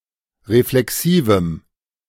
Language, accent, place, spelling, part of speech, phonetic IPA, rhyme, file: German, Germany, Berlin, reflexivem, adjective, [ʁeflɛˈksiːvm̩], -iːvm̩, De-reflexivem.ogg
- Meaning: strong dative masculine/neuter singular of reflexiv